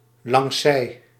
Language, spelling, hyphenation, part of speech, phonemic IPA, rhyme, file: Dutch, langszij, langs‧zij, adverb, /lɑŋˈsɛi̯/, -ɛi̯, Nl-langszij.ogg
- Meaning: alongside, aboard